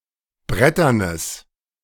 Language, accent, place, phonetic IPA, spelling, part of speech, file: German, Germany, Berlin, [ˈbʁɛtɐnəs], bretternes, adjective, De-bretternes.ogg
- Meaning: strong/mixed nominative/accusative neuter singular of brettern